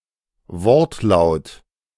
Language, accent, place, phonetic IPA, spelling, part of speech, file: German, Germany, Berlin, [ˈvɔʁtˌlaʊ̯t], Wortlaut, noun, De-Wortlaut.ogg
- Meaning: wording